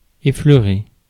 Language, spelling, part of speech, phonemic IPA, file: French, effleurer, verb, /e.flœ.ʁe/, Fr-effleurer.ogg
- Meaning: 1. to stroke gently, to touch lightly 2. to brush over, to brush past 3. to skim over (a subject)